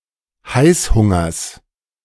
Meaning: genitive singular of Heißhunger
- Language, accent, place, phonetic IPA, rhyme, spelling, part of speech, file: German, Germany, Berlin, [ˈhaɪ̯sˌhʊŋɐs], -aɪ̯shʊŋɐs, Heißhungers, noun, De-Heißhungers.ogg